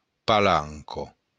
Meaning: 1. plank, board 2. gangway, plank
- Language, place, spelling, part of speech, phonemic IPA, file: Occitan, Béarn, palanca, noun, /paˈlaŋ.kɐ/, LL-Q14185 (oci)-palanca.wav